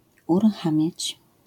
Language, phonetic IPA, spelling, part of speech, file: Polish, [ˌuruˈxãmʲjät͡ɕ], uruchamiać, verb, LL-Q809 (pol)-uruchamiać.wav